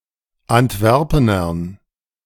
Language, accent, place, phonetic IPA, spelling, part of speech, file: German, Germany, Berlin, [antˈvɛʁpənɐn], Antwerpenern, noun, De-Antwerpenern.ogg
- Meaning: dative plural of Antwerpener